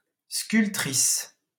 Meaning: female equivalent of sculpteur
- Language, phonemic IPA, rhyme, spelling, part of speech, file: French, /skyl.tʁis/, -is, sculptrice, noun, LL-Q150 (fra)-sculptrice.wav